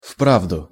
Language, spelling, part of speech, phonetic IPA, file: Russian, вправду, adverb, [ˈfpravdʊ], Ru-вправду.ogg
- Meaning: really, indeed